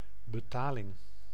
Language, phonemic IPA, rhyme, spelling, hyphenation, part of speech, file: Dutch, /bəˈtaː.lɪŋ/, -aːlɪŋ, betaling, be‧ta‧ling, noun, Nl-betaling.ogg
- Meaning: payment